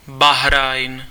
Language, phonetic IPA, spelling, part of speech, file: Czech, [ˈbaɦrajn], Bahrajn, proper noun, Cs-Bahrajn.ogg
- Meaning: Bahrain (an archipelago, island, and country in West Asia in the Persian Gulf)